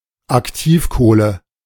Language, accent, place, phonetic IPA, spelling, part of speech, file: German, Germany, Berlin, [akˈtiːfˌkoːlə], Aktivkohle, noun, De-Aktivkohle.ogg
- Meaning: activated carbon, activated charcoal